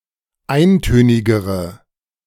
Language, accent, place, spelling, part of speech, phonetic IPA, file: German, Germany, Berlin, eintönigere, adjective, [ˈaɪ̯nˌtøːnɪɡəʁə], De-eintönigere.ogg
- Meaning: inflection of eintönig: 1. strong/mixed nominative/accusative feminine singular comparative degree 2. strong nominative/accusative plural comparative degree